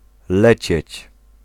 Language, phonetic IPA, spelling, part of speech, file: Polish, [ˈlɛt͡ɕɛ̇t͡ɕ], lecieć, verb, Pl-lecieć.ogg